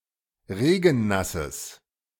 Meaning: strong/mixed nominative/accusative neuter singular of regennass
- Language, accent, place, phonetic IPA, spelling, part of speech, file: German, Germany, Berlin, [ˈʁeːɡn̩ˌnasəs], regennasses, adjective, De-regennasses.ogg